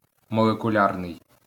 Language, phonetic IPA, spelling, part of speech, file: Ukrainian, [mɔɫekʊˈlʲarnei̯], молекулярний, adjective, LL-Q8798 (ukr)-молекулярний.wav
- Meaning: molecular